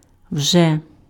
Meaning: alternative form of уже́ (užé): already
- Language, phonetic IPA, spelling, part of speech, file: Ukrainian, [wʒɛ], вже, adverb, Uk-вже.ogg